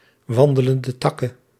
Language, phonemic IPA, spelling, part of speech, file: Dutch, /ˌwɑndələndəˈtɑkə(n)/, wandelende takken, noun, Nl-wandelende takken.ogg
- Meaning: plural of wandelende tak